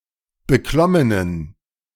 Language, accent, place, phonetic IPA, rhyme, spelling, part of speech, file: German, Germany, Berlin, [bəˈklɔmənən], -ɔmənən, beklommenen, adjective, De-beklommenen.ogg
- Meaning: inflection of beklommen: 1. strong genitive masculine/neuter singular 2. weak/mixed genitive/dative all-gender singular 3. strong/weak/mixed accusative masculine singular 4. strong dative plural